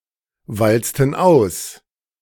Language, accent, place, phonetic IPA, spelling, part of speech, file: German, Germany, Berlin, [ˌvalt͡stn̩ ˈaʊ̯s], walzten aus, verb, De-walzten aus.ogg
- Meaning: inflection of auswalzen: 1. first/third-person plural preterite 2. first/third-person plural subjunctive II